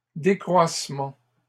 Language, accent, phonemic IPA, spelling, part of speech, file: French, Canada, /de.kʁwas.mɑ̃/, décroissements, noun, LL-Q150 (fra)-décroissements.wav
- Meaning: plural of décroissement